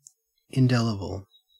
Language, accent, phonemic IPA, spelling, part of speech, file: English, Australia, /ɪnˈdɛləbl/, indelible, adjective, En-au-indelible.ogg
- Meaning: 1. Having the quality of being difficult to delete, remove, wash away, blot out, or efface 2. Incapable of being canceled, lost, or forgotten 3. Incapable of being annulled